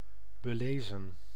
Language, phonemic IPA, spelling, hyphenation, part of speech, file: Dutch, /bəˈleːzə(n)/, belezen, be‧le‧zen, verb / adjective, Nl-belezen.ogg
- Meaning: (verb) 1. to exorcise 2. to convince, persuade; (adjective) 1. well-read (well informed and knowledgeable because of extensive reading) 2. book-smart, erudite; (verb) past participle of belezen